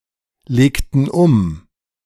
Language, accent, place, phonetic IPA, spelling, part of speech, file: German, Germany, Berlin, [ˌleːktn̩ ˈʊm], legten um, verb, De-legten um.ogg
- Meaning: inflection of umlegen: 1. first/third-person plural preterite 2. first/third-person plural subjunctive II